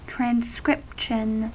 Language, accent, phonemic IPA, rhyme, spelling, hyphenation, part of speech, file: English, US, /tɹænˈskɹɪpʃən/, -ɪpʃən, transcription, tran‧scrip‧tion, noun, En-us-transcription.ogg
- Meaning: 1. The act or process of transcribing, or converting spoken (or sometimes signed) language to the written form 2. Something that has been transcribed, including: An adaptation of a composition